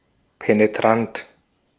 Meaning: 1. piercing 2. penetrating 3. pushy, obtrusive
- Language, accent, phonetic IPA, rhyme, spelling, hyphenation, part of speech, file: German, Austria, [peneˈtʁant], -ant, penetrant, pe‧ne‧trant, adjective, De-at-penetrant.ogg